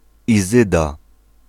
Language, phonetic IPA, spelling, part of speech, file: Polish, [iˈzɨda], Izyda, proper noun, Pl-Izyda.ogg